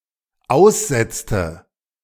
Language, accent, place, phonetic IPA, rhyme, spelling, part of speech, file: German, Germany, Berlin, [ˈaʊ̯sˌzɛt͡stə], -aʊ̯szɛt͡stə, aussetzte, verb, De-aussetzte.ogg
- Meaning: inflection of aussetzen: 1. first/third-person singular dependent preterite 2. first/third-person singular dependent subjunctive II